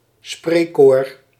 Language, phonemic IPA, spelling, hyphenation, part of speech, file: Dutch, /ˈspreː.koːr/, spreekkoor, spreek‧koor, noun, Nl-spreekkoor.ogg
- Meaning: a chant shouted by the audience at sports matches and at performances